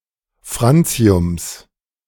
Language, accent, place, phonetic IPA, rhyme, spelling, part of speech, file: German, Germany, Berlin, [ˈfʁant͡si̯ʊms], -ant͡si̯ʊms, Franciums, noun, De-Franciums.ogg
- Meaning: genitive singular of Francium